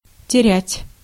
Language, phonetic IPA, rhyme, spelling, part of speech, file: Russian, [tʲɪˈrʲætʲ], -ætʲ, терять, verb, Ru-терять.ogg
- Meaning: 1. to lose, to waste 2. to shed